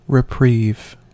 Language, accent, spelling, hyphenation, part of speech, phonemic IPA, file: English, US, reprieve, re‧prieve, verb / noun, /ɹɪˈpɹiːv/, En-us-reprieve.ogg
- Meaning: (verb) 1. To cancel or postpone the punishment of someone, especially an execution 2. To bring relief to someone 3. To take back to prison (in lieu of execution)